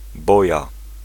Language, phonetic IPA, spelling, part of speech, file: Polish, [ˈbɔja], boja, noun, Pl-boja.ogg